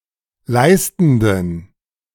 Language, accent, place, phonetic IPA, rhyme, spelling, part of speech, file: German, Germany, Berlin, [ˈlaɪ̯stn̩dən], -aɪ̯stn̩dən, leistenden, adjective, De-leistenden.ogg
- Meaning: inflection of leistend: 1. strong genitive masculine/neuter singular 2. weak/mixed genitive/dative all-gender singular 3. strong/weak/mixed accusative masculine singular 4. strong dative plural